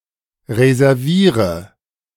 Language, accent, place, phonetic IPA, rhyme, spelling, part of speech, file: German, Germany, Berlin, [ʁezɛʁˈviːʁə], -iːʁə, reserviere, verb, De-reserviere.ogg
- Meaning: inflection of reservieren: 1. first-person singular present 2. first/third-person singular subjunctive I 3. singular imperative